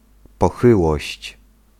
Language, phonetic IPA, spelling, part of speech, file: Polish, [pɔˈxɨwɔɕt͡ɕ], pochyłość, noun, Pl-pochyłość.ogg